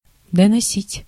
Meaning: 1. to carry (to, as far as), to bring (to), to deliver 2. to report, to announce, to inform 3. to denounce (to), to inform (on, against), to squeal on 4. to finish carrying 5. to wear out
- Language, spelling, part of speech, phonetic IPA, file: Russian, доносить, verb, [dənɐˈsʲitʲ], Ru-доносить.ogg